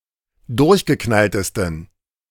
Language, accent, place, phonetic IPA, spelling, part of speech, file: German, Germany, Berlin, [ˈdʊʁçɡəˌknaltəstn̩], durchgeknalltesten, adjective, De-durchgeknalltesten.ogg
- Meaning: 1. superlative degree of durchgeknallt 2. inflection of durchgeknallt: strong genitive masculine/neuter singular superlative degree